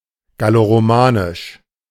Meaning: Gallo-Roman
- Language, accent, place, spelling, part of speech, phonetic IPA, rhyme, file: German, Germany, Berlin, galloromanisch, adjective, [ɡaloʁoˈmaːnɪʃ], -aːnɪʃ, De-galloromanisch.ogg